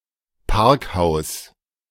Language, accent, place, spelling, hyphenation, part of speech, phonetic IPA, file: German, Germany, Berlin, Parkhaus, Park‧haus, noun, [ˈpaʁkˌhaʊ̯s], De-Parkhaus.ogg
- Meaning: parking garage, multistorey car park (large building to store cars in)